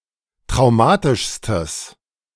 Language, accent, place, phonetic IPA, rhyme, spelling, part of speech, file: German, Germany, Berlin, [tʁaʊ̯ˈmaːtɪʃstəs], -aːtɪʃstəs, traumatischstes, adjective, De-traumatischstes.ogg
- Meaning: strong/mixed nominative/accusative neuter singular superlative degree of traumatisch